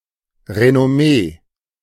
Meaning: reputation
- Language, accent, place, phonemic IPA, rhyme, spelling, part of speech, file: German, Germany, Berlin, /ʁenɔˈmeː/, -eː, Renommee, noun, De-Renommee.ogg